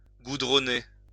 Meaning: 1. to tar; to tar up (to cover with tar) 2. to tarmac
- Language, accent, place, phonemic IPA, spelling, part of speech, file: French, France, Lyon, /ɡu.dʁɔ.ne/, goudronner, verb, LL-Q150 (fra)-goudronner.wav